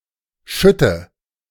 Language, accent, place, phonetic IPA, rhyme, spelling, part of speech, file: German, Germany, Berlin, [ˈʃʏtə], -ʏtə, schütte, verb, De-schütte.ogg
- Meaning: inflection of schütten: 1. first-person singular present 2. first/third-person singular subjunctive I 3. singular imperative